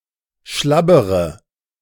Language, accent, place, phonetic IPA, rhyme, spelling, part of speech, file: German, Germany, Berlin, [ˈʃlabəʁə], -abəʁə, schlabbere, verb, De-schlabbere.ogg
- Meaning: inflection of schlabbern: 1. first-person singular present 2. first/third-person singular subjunctive I 3. singular imperative